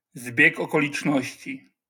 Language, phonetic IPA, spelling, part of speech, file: Polish, [ˈzbʲjɛk ˌɔkɔlʲit͡ʃˈnɔɕt͡ɕi], zbieg okoliczności, noun, LL-Q809 (pol)-zbieg okoliczności.wav